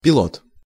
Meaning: 1. pilot 2. pilot fish
- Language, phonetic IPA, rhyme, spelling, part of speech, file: Russian, [pʲɪˈɫot], -ot, пилот, noun, Ru-пилот.ogg